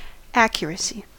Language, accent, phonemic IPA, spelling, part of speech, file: English, US, /ˈæk.jɚ.ə.si/, accuracy, noun, En-us-accuracy.ogg
- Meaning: 1. The state of being accurate; being free from error; exactness; correctness 2. Exact conformity to truth, or to a rule or model; degree of conformity of a measure to a true or standard value